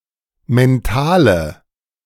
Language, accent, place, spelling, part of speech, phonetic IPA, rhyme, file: German, Germany, Berlin, mentale, adjective, [mɛnˈtaːlə], -aːlə, De-mentale.ogg
- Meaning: inflection of mental: 1. strong/mixed nominative/accusative feminine singular 2. strong nominative/accusative plural 3. weak nominative all-gender singular 4. weak accusative feminine/neuter singular